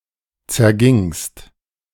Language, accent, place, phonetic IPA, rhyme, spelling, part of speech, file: German, Germany, Berlin, [t͡sɛɐ̯ˈɡɪŋst], -ɪŋst, zergingst, verb, De-zergingst.ogg
- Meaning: second-person singular preterite of zergehen